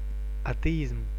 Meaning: atheism
- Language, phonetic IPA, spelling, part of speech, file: Russian, [ɐtɨˈizm], атеизм, noun, Ru-атеизм.ogg